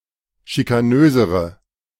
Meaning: inflection of schikanös: 1. strong/mixed nominative/accusative feminine singular comparative degree 2. strong nominative/accusative plural comparative degree
- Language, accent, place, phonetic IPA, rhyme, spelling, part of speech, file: German, Germany, Berlin, [ʃikaˈnøːzəʁə], -øːzəʁə, schikanösere, adjective, De-schikanösere.ogg